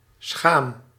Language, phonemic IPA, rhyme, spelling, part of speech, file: Dutch, /sxaːm/, -aːm, schaam, verb, Nl-schaam.ogg
- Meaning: inflection of schamen: 1. first-person singular present indicative 2. second-person singular present indicative 3. imperative